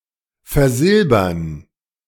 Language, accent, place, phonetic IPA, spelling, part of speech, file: German, Germany, Berlin, [fɛɐ̯ˈzɪlbɐn], versilbern, verb, De-versilbern.ogg
- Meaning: 1. to silver, to silver-plate 2. to realize (convert an asset into cash)